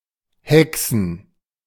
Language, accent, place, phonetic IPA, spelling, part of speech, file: German, Germany, Berlin, [ˈhɛksən], hexen, verb, De-hexen.ogg
- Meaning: 1. to perform witchcraft, cast a spell/spells 2. to work miracles